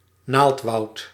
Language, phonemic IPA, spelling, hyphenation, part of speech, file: Dutch, /ˈnaːlt.ʋɑu̯t/, naaldwoud, naald‧woud, noun, Nl-naaldwoud.ogg
- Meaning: conifer forest